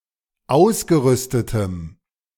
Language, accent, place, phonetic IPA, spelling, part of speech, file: German, Germany, Berlin, [ˈaʊ̯sɡəˌʁʏstətəm], ausgerüstetem, adjective, De-ausgerüstetem.ogg
- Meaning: strong dative masculine/neuter singular of ausgerüstet